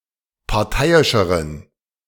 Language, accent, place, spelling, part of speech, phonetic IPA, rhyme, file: German, Germany, Berlin, parteiischeren, adjective, [paʁˈtaɪ̯ɪʃəʁən], -aɪ̯ɪʃəʁən, De-parteiischeren.ogg
- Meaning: inflection of parteiisch: 1. strong genitive masculine/neuter singular comparative degree 2. weak/mixed genitive/dative all-gender singular comparative degree